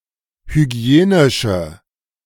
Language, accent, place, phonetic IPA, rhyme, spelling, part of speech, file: German, Germany, Berlin, [hyˈɡi̯eːnɪʃə], -eːnɪʃə, hygienische, adjective, De-hygienische.ogg
- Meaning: inflection of hygienisch: 1. strong/mixed nominative/accusative feminine singular 2. strong nominative/accusative plural 3. weak nominative all-gender singular